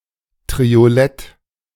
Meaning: triolet
- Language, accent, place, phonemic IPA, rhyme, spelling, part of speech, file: German, Germany, Berlin, /tʁioˈlɛt/, -ɛt, Triolett, noun, De-Triolett.ogg